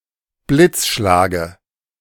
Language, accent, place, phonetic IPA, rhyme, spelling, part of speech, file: German, Germany, Berlin, [ˈblɪt͡sˌʃlaːɡə], -ɪt͡sʃlaːɡə, Blitzschlage, noun, De-Blitzschlage.ogg
- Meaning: dative singular of Blitzschlag